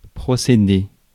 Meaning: 1. proceed 2. behave
- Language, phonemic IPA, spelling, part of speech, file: French, /pʁɔ.se.de/, procéder, verb, Fr-procéder.ogg